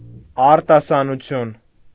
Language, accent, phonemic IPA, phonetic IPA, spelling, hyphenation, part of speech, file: Armenian, Eastern Armenian, /ɑɾtɑsɑnuˈtʰjun/, [ɑɾtɑsɑnut͡sʰjún], արտասանություն, ար‧տա‧սա‧նու‧թյուն, noun, Hy-արտասանություն.ogg
- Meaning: 1. pronunciation 2. recitation; declamation